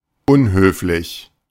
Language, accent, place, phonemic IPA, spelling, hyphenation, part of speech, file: German, Germany, Berlin, /ˈʔʊnhøːflɪç/, unhöflich, un‧höf‧lich, adjective, De-unhöflich.ogg
- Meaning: 1. rude 2. uncivil